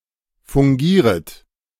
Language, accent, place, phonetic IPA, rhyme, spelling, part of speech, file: German, Germany, Berlin, [fʊŋˈɡiːʁət], -iːʁət, fungieret, verb, De-fungieret.ogg
- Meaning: second-person plural subjunctive I of fungieren